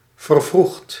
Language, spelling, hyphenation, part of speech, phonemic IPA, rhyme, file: Dutch, vervroegt, ver‧vroegt, verb, /vərˈvruxt/, -uxt, Nl-vervroegt.ogg
- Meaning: inflection of vervroegen: 1. second/third-person singular present indicative 2. plural imperative